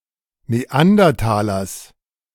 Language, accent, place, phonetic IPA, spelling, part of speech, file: German, Germany, Berlin, [neˈandɐtaːlɐs], Neandertalers, noun, De-Neandertalers.ogg
- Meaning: genitive singular of Neandertaler